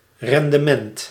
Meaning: 1. yield, performance 2. efficiency (of energy conversion)
- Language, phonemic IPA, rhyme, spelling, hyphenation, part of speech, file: Dutch, /ˌrɛn.dəˈmɛnt/, -ɛnt, rendement, ren‧de‧ment, noun, Nl-rendement.ogg